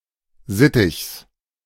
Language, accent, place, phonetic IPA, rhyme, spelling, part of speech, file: German, Germany, Berlin, [ˈzɪtɪçs], -ɪtɪçs, Sittichs, noun, De-Sittichs.ogg
- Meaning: genitive singular of Sittich